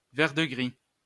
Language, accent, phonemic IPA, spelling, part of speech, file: French, France, /vɛʁ.də.ɡʁi/, vert-de-gris, noun, LL-Q150 (fra)-vert-de-gris.wav
- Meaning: verdigris (blue-green patina on copper and copper alloys)